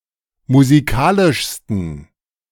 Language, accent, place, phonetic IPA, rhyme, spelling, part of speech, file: German, Germany, Berlin, [muziˈkaːlɪʃstn̩], -aːlɪʃstn̩, musikalischsten, adjective, De-musikalischsten.ogg
- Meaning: 1. superlative degree of musikalisch 2. inflection of musikalisch: strong genitive masculine/neuter singular superlative degree